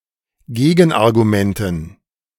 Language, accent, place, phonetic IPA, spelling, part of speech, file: German, Germany, Berlin, [ˈɡeːɡn̩ʔaʁɡuˌmɛntn̩], Gegenargumenten, noun, De-Gegenargumenten.ogg
- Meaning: dative plural of Gegenargument